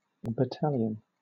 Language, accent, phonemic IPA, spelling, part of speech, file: English, Southern England, /bəˈtæl.i.ən/, battalion, noun / verb, LL-Q1860 (eng)-battalion.wav
- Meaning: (noun) An army unit having two or more companies, etc. and a headquarters. Traditionally forming part of a regiment